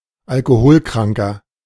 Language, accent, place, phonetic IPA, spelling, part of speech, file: German, Germany, Berlin, [alkoˈhoːlˌkʁaŋkɐ], Alkoholkranker, noun, De-Alkoholkranker.ogg
- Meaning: 1. alcoholic (male or of unspecified gender) 2. inflection of Alkoholkranke: strong genitive/dative singular 3. inflection of Alkoholkranke: strong genitive plural